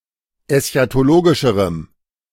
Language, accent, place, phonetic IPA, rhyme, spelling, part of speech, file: German, Germany, Berlin, [ɛsçatoˈloːɡɪʃəʁəm], -oːɡɪʃəʁəm, eschatologischerem, adjective, De-eschatologischerem.ogg
- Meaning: strong dative masculine/neuter singular comparative degree of eschatologisch